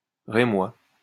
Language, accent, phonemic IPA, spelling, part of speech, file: French, France, /ʁe.mwa/, Rémois, noun, LL-Q150 (fra)-Rémois.wav
- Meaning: native or inhabitant of the city of Reims, department of Marne, Grand Est, France (usually male)